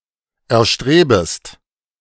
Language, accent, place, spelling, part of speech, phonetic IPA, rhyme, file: German, Germany, Berlin, erstrebest, verb, [ɛɐ̯ˈʃtʁeːbəst], -eːbəst, De-erstrebest.ogg
- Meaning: second-person singular subjunctive I of erstreben